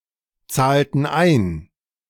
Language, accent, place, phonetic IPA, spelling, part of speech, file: German, Germany, Berlin, [ˌt͡saːltn̩ ˈaɪ̯n], zahlten ein, verb, De-zahlten ein.ogg
- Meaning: inflection of einzahlen: 1. first/third-person plural preterite 2. first/third-person plural subjunctive II